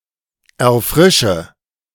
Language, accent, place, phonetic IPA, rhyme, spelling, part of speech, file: German, Germany, Berlin, [ɛɐ̯ˈfʁɪʃə], -ɪʃə, erfrische, verb, De-erfrische.ogg
- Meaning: inflection of erfrischen: 1. first-person singular present 2. singular imperative 3. first/third-person singular subjunctive I